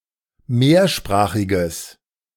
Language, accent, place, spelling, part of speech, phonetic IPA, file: German, Germany, Berlin, mehrsprachiges, adjective, [ˈmeːɐ̯ˌʃpʁaːxɪɡəs], De-mehrsprachiges.ogg
- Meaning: strong/mixed nominative/accusative neuter singular of mehrsprachig